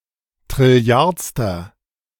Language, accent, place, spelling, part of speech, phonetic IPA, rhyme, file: German, Germany, Berlin, trilliardster, adjective, [tʁɪˈli̯aʁt͡stɐ], -aʁt͡stɐ, De-trilliardster.ogg
- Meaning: inflection of trilliardste: 1. strong/mixed nominative masculine singular 2. strong genitive/dative feminine singular 3. strong genitive plural